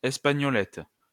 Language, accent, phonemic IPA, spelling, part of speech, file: French, France, /ɛs.pa.ɲɔ.lɛt/, espagnolette, noun, LL-Q150 (fra)-espagnolette.wav
- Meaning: espagnolette (window locking device)